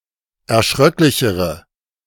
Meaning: inflection of erschröcklich: 1. strong/mixed nominative/accusative feminine singular comparative degree 2. strong nominative/accusative plural comparative degree
- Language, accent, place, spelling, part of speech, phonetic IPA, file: German, Germany, Berlin, erschröcklichere, adjective, [ɛɐ̯ˈʃʁœklɪçəʁə], De-erschröcklichere.ogg